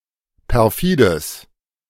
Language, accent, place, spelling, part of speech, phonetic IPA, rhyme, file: German, Germany, Berlin, perfides, adjective, [pɛʁˈfiːdəs], -iːdəs, De-perfides.ogg
- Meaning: strong/mixed nominative/accusative neuter singular of perfide